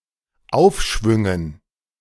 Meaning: dative plural of Aufschwung
- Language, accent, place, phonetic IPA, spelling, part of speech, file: German, Germany, Berlin, [ˈaʊ̯fˌʃvʏŋən], Aufschwüngen, noun, De-Aufschwüngen.ogg